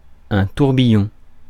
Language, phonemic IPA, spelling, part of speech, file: French, /tuʁ.bi.jɔ̃/, tourbillon, noun, Fr-tourbillon.ogg
- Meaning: 1. whirlwind 2. eddy, whirlpool 3. vortex 4. whirl, whirlwind, maelstrom 5. tourbillon